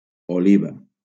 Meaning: olive (fruit)
- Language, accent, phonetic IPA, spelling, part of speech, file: Catalan, Valencia, [oˈli.va], oliva, noun, LL-Q7026 (cat)-oliva.wav